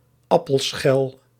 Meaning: obsolete form of appelschil
- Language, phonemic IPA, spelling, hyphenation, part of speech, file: Dutch, /ˈɑ.pəlˌsxɛl/, appelschel, ap‧pel‧schel, noun, Nl-appelschel.ogg